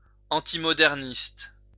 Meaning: antimodernist
- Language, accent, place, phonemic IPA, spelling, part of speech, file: French, France, Lyon, /ɑ̃.ti.mɔ.dɛʁ.nist/, antimoderniste, adjective, LL-Q150 (fra)-antimoderniste.wav